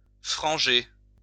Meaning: to fringe
- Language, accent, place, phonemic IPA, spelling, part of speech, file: French, France, Lyon, /fʁɑ̃.ʒe/, franger, verb, LL-Q150 (fra)-franger.wav